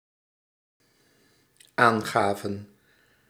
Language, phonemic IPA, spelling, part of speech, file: Dutch, /ˈaŋɣavə(n)/, aangaven, verb, Nl-aangaven.ogg
- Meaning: inflection of aangeven: 1. plural dependent-clause past indicative 2. plural dependent-clause past subjunctive